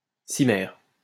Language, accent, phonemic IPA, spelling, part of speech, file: French, France, /si.mɛʁ/, cimer, interjection, LL-Q150 (fra)-cimer.wav
- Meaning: thank you; thanks